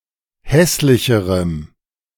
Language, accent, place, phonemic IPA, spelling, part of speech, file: German, Germany, Berlin, /ˈhɛslɪçəʁəm/, hässlicherem, adjective, De-hässlicherem.ogg
- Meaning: strong dative masculine/neuter singular comparative degree of hässlich